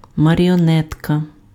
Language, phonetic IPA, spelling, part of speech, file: Ukrainian, [mɐrʲiɔˈnɛtkɐ], маріонетка, noun, Uk-маріонетка.ogg
- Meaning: 1. marionette (string puppet) 2. puppet, stooge, dummy